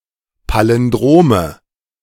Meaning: nominative/accusative/genitive plural of Palindrom
- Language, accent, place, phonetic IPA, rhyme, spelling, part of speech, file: German, Germany, Berlin, [ˌpalɪnˈdʁoːmə], -oːmə, Palindrome, noun, De-Palindrome.ogg